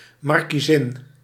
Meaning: marchioness (female marquess; wife of a marquess)
- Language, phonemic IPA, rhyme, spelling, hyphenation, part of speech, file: Dutch, /ˌmɑr.kiˈzɪn/, -ɪn, markiezin, mar‧kie‧zin, noun, Nl-markiezin.ogg